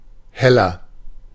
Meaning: inflection of hell: 1. strong/mixed nominative masculine singular 2. strong genitive/dative feminine singular 3. strong genitive plural
- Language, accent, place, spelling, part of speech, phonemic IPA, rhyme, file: German, Germany, Berlin, heller, adjective, /ˈhɛlɐ/, -ɛlɐ, De-heller.ogg